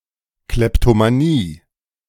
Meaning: kleptomania (proclivity to steal)
- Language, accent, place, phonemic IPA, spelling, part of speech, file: German, Germany, Berlin, /ˌklɛptomaˈniː/, Kleptomanie, noun, De-Kleptomanie.ogg